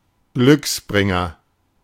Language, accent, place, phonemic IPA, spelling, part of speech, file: German, Germany, Berlin, /ˈɡlʏksˌbʁɪŋɐ/, Glücksbringer, noun, De-Glücksbringer.ogg
- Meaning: lucky charm, talisman, amulet